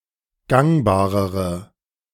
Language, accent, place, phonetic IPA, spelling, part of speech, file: German, Germany, Berlin, [ˈɡaŋbaːʁəʁə], gangbarere, adjective, De-gangbarere.ogg
- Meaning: inflection of gangbar: 1. strong/mixed nominative/accusative feminine singular comparative degree 2. strong nominative/accusative plural comparative degree